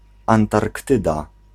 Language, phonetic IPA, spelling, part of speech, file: Polish, [ˌãntarkˈtɨda], Antarktyda, proper noun, Pl-Antarktyda.ogg